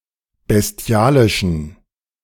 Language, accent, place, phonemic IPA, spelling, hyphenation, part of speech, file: German, Germany, Berlin, /besˈti̯aːlɪʃən/, bestialischen, bes‧ti‧a‧li‧schen, adjective, De-bestialischen.ogg
- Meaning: inflection of bestialisch: 1. strong genitive masculine/neuter singular 2. weak/mixed genitive/dative all-gender singular 3. strong/weak/mixed accusative masculine singular 4. strong dative plural